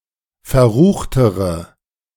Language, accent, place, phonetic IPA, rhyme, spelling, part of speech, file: German, Germany, Berlin, [fɛɐ̯ˈʁuːxtəʁə], -uːxtəʁə, verruchtere, adjective, De-verruchtere.ogg
- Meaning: inflection of verrucht: 1. strong/mixed nominative/accusative feminine singular comparative degree 2. strong nominative/accusative plural comparative degree